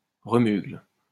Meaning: mustiness; state of being musty
- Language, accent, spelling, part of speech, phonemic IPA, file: French, France, remugle, noun, /ʁə.myɡl/, LL-Q150 (fra)-remugle.wav